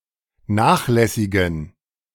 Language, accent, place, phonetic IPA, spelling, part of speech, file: German, Germany, Berlin, [ˈnaːxˌlɛsɪɡn̩], nachlässigen, adjective, De-nachlässigen.ogg
- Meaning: inflection of nachlässig: 1. strong genitive masculine/neuter singular 2. weak/mixed genitive/dative all-gender singular 3. strong/weak/mixed accusative masculine singular 4. strong dative plural